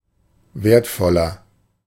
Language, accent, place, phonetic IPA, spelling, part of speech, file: German, Germany, Berlin, [ˈveːɐ̯tˌfɔlɐ], wertvoller, adjective, De-wertvoller.ogg
- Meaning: inflection of wertvoll: 1. strong/mixed nominative masculine singular 2. strong genitive/dative feminine singular 3. strong genitive plural